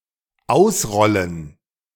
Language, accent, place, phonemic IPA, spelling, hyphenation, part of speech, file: German, Germany, Berlin, /ˈaʊ̯sˌʁɔlən/, ausrollen, aus‧rol‧len, verb, De-ausrollen.ogg
- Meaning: 1. to roll out, unroll 2. to stop rolling